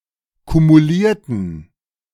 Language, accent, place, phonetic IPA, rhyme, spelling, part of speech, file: German, Germany, Berlin, [kumuˈliːɐ̯tn̩], -iːɐ̯tn̩, kumulierten, adjective / verb, De-kumulierten.ogg
- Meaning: inflection of kumulieren: 1. first/third-person plural preterite 2. first/third-person plural subjunctive II